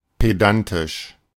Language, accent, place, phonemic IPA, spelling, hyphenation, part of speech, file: German, Germany, Berlin, /peˈdantɪʃ/, pedantisch, pe‧dan‧tisch, adjective, De-pedantisch.ogg
- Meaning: 1. pedantic 2. punctilious; meticulous